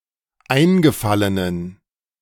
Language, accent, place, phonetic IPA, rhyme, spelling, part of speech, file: German, Germany, Berlin, [ˈaɪ̯nɡəˌfalənən], -aɪ̯nɡəfalənən, eingefallenen, adjective, De-eingefallenen.ogg
- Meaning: inflection of eingefallen: 1. strong genitive masculine/neuter singular 2. weak/mixed genitive/dative all-gender singular 3. strong/weak/mixed accusative masculine singular 4. strong dative plural